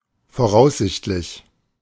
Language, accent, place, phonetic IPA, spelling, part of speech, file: German, Germany, Berlin, [foˈʁaʊ̯szɪçtlɪç], voraussichtlich, adjective, De-voraussichtlich.ogg
- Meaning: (adjective) expected, anticipated, prospected; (adverb) presumably, probably